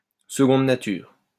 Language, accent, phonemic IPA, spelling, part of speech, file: French, France, /sə.ɡɔ̃d na.tyʁ/, seconde nature, noun, LL-Q150 (fra)-seconde nature.wav
- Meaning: second nature